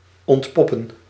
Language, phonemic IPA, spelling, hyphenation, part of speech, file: Dutch, /ˌɔntˈpɔ.pə(n)/, ontpoppen, ont‧pop‧pen, verb, Nl-ontpoppen.ogg
- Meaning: 1. to moult, to shed 2. to reveal, to expose 3. to develop into, to emerge as